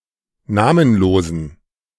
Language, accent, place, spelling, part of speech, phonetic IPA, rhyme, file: German, Germany, Berlin, namenlosen, adjective, [ˈnaːmənˌloːzn̩], -aːmənloːzn̩, De-namenlosen.ogg
- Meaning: inflection of namenlos: 1. strong genitive masculine/neuter singular 2. weak/mixed genitive/dative all-gender singular 3. strong/weak/mixed accusative masculine singular 4. strong dative plural